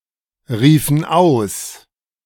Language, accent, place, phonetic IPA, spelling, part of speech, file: German, Germany, Berlin, [ˌʁiːfn̩ ˈaʊ̯s], riefen aus, verb, De-riefen aus.ogg
- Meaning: inflection of ausrufen: 1. first/third-person plural preterite 2. first/third-person plural subjunctive II